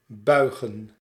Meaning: 1. to bend 2. to bow
- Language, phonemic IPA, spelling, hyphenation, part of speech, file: Dutch, /ˈbœy̯ɣə(n)/, buigen, bui‧gen, verb, Nl-buigen.ogg